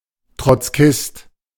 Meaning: 1. Trotskyist 2. Trotskyite, Trot, trot (all pejorative)
- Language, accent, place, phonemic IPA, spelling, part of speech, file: German, Germany, Berlin, /tʁɔtsˈkɪst/, Trotzkist, noun, De-Trotzkist.ogg